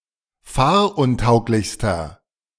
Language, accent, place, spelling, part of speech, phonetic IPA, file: German, Germany, Berlin, fahruntauglichster, adjective, [ˈfaːɐ̯ʔʊnˌtaʊ̯klɪçstɐ], De-fahruntauglichster.ogg
- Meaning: inflection of fahruntauglich: 1. strong/mixed nominative masculine singular superlative degree 2. strong genitive/dative feminine singular superlative degree